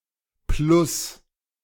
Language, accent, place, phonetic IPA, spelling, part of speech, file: German, Germany, Berlin, [plʊs], Plus, noun, De-Plus.ogg
- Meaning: 1. plus 2. positive pole 3. increase